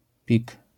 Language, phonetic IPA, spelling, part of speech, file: Polish, [pʲik], pik, noun / adjective, LL-Q809 (pol)-pik.wav